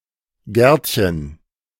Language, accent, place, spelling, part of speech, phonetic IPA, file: German, Germany, Berlin, Gärtchen, noun, [ˈɡɛʁtçən], De-Gärtchen.ogg
- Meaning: diminutive of Garten